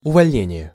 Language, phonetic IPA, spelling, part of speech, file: Russian, [ʊvɐlʲˈnʲenʲɪje], увольнение, noun, Ru-увольнение.ogg
- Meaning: discharge, dismissal (act of expelling or letting go)